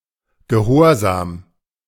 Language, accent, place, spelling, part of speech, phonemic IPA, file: German, Germany, Berlin, Gehorsam, noun, /ɡeˈhoːɐ̯zaːm/, De-Gehorsam.ogg
- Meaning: obedience